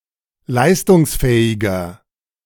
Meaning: 1. comparative degree of leistungsfähig 2. inflection of leistungsfähig: strong/mixed nominative masculine singular 3. inflection of leistungsfähig: strong genitive/dative feminine singular
- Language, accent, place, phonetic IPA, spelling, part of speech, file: German, Germany, Berlin, [ˈlaɪ̯stʊŋsˌfɛːɪɡɐ], leistungsfähiger, adjective, De-leistungsfähiger.ogg